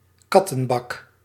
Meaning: a litter box, a cat box
- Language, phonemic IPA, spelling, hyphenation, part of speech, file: Dutch, /ˈkɑ.tə(n)ˌbɑk/, kattenbak, kat‧ten‧bak, noun, Nl-kattenbak.ogg